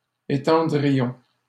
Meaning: first-person plural conditional of étendre
- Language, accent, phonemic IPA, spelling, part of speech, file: French, Canada, /e.tɑ̃.dʁi.jɔ̃/, étendrions, verb, LL-Q150 (fra)-étendrions.wav